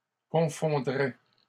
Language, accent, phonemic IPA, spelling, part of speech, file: French, Canada, /kɔ̃.fɔ̃.dʁɛ/, confondrais, verb, LL-Q150 (fra)-confondrais.wav
- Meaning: first/second-person singular conditional of confondre